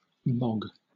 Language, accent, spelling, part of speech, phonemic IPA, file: English, Southern England, mog, verb / noun, /mɒɡ/, LL-Q1860 (eng)-mog.wav
- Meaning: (verb) 1. To manifest effortless dominance through self-evident superior handsomeness, especially with composure and by quiet comparison 2. To be superior to (something); to beat, outclass